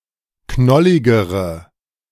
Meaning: inflection of knollig: 1. strong/mixed nominative/accusative feminine singular comparative degree 2. strong nominative/accusative plural comparative degree
- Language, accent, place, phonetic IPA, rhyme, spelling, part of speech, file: German, Germany, Berlin, [ˈknɔlɪɡəʁə], -ɔlɪɡəʁə, knolligere, adjective, De-knolligere.ogg